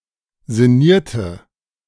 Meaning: inflection of sinnieren: 1. first/third-person singular preterite 2. first/third-person singular subjunctive II
- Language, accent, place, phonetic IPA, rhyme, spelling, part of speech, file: German, Germany, Berlin, [zɪˈniːɐ̯tə], -iːɐ̯tə, sinnierte, verb, De-sinnierte.ogg